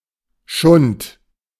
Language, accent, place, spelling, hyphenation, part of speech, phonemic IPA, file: German, Germany, Berlin, Schund, Schund, noun, /ʃʊnt/, De-Schund.ogg
- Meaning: trash, rubbish